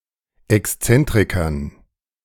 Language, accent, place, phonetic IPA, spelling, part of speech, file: German, Germany, Berlin, [ɛksˈt͡sɛntʁɪkɐn], Exzentrikern, noun, De-Exzentrikern.ogg
- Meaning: dative plural of Exzentriker